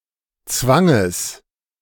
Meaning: genitive singular of Zwang
- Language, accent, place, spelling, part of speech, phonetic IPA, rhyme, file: German, Germany, Berlin, Zwanges, noun, [ˈt͡svaŋəs], -aŋəs, De-Zwanges.ogg